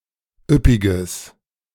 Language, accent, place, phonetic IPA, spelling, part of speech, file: German, Germany, Berlin, [ˈʏpɪɡəs], üppiges, adjective, De-üppiges.ogg
- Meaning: strong/mixed nominative/accusative neuter singular of üppig